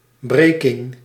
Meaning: 1. the act or process of breaking 2. refraction 3. breaking (change of a vowel to a diphthong)
- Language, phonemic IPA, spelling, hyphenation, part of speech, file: Dutch, /ˈbreː.kɪŋ/, breking, bre‧king, noun, Nl-breking.ogg